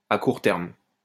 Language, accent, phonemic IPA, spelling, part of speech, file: French, France, /a kuʁ tɛʁm/, à court terme, prepositional phrase, LL-Q150 (fra)-à court terme.wav
- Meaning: short-term